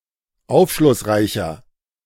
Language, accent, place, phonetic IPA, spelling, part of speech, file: German, Germany, Berlin, [ˈaʊ̯fʃlʊsˌʁaɪ̯çɐ], aufschlussreicher, adjective, De-aufschlussreicher.ogg
- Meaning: 1. comparative degree of aufschlussreich 2. inflection of aufschlussreich: strong/mixed nominative masculine singular 3. inflection of aufschlussreich: strong genitive/dative feminine singular